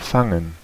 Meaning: 1. to catch (grab something flying in the air) 2. to catch; to capture (to take hold of a person or an animal) 3. to improve in health; do well again; to do better 4. to calm down; to compose oneself
- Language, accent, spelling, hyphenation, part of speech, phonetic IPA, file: German, Germany, fangen, fan‧gen, verb, [ˈfaŋŋ̩], De-fangen.ogg